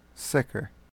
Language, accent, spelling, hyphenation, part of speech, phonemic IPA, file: English, US, sicker, sic‧ker, adjective / adverb / verb, /ˈsɪkɚ/, En-uk-sicker.ogg
- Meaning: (adjective) 1. comparative form of sick: more sick 2. Certain 3. Secure; safe; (adverb) 1. Certainly 2. Securely; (verb) To percolate, trickle, or seep; to ooze, as water through a crack